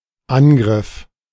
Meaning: attack, offensive, strike, assault, onslaught, raid, offence
- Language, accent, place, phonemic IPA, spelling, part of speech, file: German, Germany, Berlin, /ˈanˌɡʁɪf/, Angriff, noun, De-Angriff.ogg